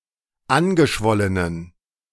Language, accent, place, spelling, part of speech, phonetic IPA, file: German, Germany, Berlin, angeschwollenen, adjective, [ˈanɡəˌʃvɔlənən], De-angeschwollenen.ogg
- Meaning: inflection of angeschwollen: 1. strong genitive masculine/neuter singular 2. weak/mixed genitive/dative all-gender singular 3. strong/weak/mixed accusative masculine singular 4. strong dative plural